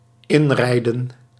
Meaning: 1. to drive or ride into 2. to run in (a vehicle or its engine) 3. to drive or ride into the direction of (someone or something), potentially colliding
- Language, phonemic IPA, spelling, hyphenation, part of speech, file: Dutch, /ˈɪnˌrɛi̯.də(n)/, inrijden, in‧rij‧den, verb, Nl-inrijden.ogg